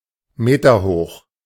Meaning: metres-high
- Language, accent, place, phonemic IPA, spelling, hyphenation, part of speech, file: German, Germany, Berlin, /ˈmeːtɐˌhoːx/, meterhoch, me‧ter‧hoch, adjective, De-meterhoch.ogg